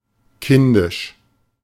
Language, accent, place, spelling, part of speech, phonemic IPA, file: German, Germany, Berlin, kindisch, adjective, /ˈkɪndɪʃ/, De-kindisch.ogg
- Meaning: childish, immature